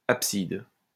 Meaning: apsis
- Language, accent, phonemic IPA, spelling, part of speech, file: French, France, /ap.sid/, apside, noun, LL-Q150 (fra)-apside.wav